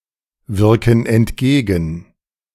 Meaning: inflection of entgegenwirken: 1. first/third-person plural present 2. first/third-person plural subjunctive I
- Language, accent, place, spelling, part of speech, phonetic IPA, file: German, Germany, Berlin, wirken entgegen, verb, [ˌvɪʁkn̩ ɛntˈɡeːɡn̩], De-wirken entgegen.ogg